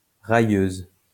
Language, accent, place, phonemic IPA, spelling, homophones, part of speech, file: French, France, Lyon, /ʁa.jøz/, railleuse, railleuses, adjective, LL-Q150 (fra)-railleuse.wav
- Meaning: feminine singular of railleur